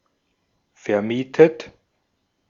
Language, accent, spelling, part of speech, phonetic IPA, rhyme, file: German, Austria, vermietet, verb, [fɛɐ̯ˈmiːtət], -iːtət, De-at-vermietet.ogg
- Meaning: 1. past participle of vermieten 2. inflection of vermieten: third-person singular present 3. inflection of vermieten: second-person plural present